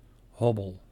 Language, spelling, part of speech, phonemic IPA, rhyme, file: Dutch, hobbel, noun / verb, /ˈɦɔ.bəl/, -ɔbəl, Nl-hobbel.ogg
- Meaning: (noun) 1. bump 2. hobble; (verb) inflection of hobbelen: 1. first-person singular present indicative 2. second-person singular present indicative 3. imperative